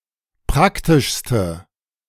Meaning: inflection of praktisch: 1. strong/mixed nominative/accusative feminine singular superlative degree 2. strong nominative/accusative plural superlative degree
- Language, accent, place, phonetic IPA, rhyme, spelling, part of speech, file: German, Germany, Berlin, [ˈpʁaktɪʃstə], -aktɪʃstə, praktischste, adjective, De-praktischste.ogg